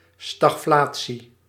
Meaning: stagflation
- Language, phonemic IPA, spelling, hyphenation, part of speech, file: Dutch, /ˌstɑxˈflaː.(t)si/, stagflatie, stag‧fla‧tie, noun, Nl-stagflatie.ogg